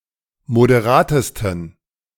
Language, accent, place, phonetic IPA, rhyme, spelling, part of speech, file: German, Germany, Berlin, [modeˈʁaːtəstn̩], -aːtəstn̩, moderatesten, adjective, De-moderatesten.ogg
- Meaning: 1. superlative degree of moderat 2. inflection of moderat: strong genitive masculine/neuter singular superlative degree